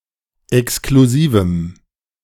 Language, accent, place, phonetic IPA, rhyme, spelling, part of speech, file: German, Germany, Berlin, [ɛkskluˈziːvm̩], -iːvm̩, exklusivem, adjective, De-exklusivem.ogg
- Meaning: strong dative masculine/neuter singular of exklusiv